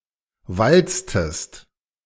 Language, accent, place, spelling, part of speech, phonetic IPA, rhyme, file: German, Germany, Berlin, walztest, verb, [ˈvalt͡stəst], -alt͡stəst, De-walztest.ogg
- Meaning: inflection of walzen: 1. second-person singular preterite 2. second-person singular subjunctive II